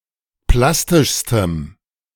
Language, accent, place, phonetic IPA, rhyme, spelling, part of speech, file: German, Germany, Berlin, [ˈplastɪʃstəm], -astɪʃstəm, plastischstem, adjective, De-plastischstem.ogg
- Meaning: strong dative masculine/neuter singular superlative degree of plastisch